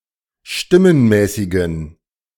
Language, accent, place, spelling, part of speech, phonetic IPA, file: German, Germany, Berlin, stimmenmäßigen, adjective, [ˈʃtɪmənˌmɛːsɪɡn̩], De-stimmenmäßigen.ogg
- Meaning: inflection of stimmenmäßig: 1. strong genitive masculine/neuter singular 2. weak/mixed genitive/dative all-gender singular 3. strong/weak/mixed accusative masculine singular 4. strong dative plural